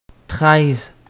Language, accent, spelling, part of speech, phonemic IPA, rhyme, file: French, Canada, treize, numeral, /tʁɛz/, -ɛz, Qc-treize.ogg
- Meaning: thirteen